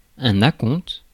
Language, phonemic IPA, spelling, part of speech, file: French, /a.kɔ̃t/, acompte, noun, Fr-acompte.ogg
- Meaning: down payment, advance payment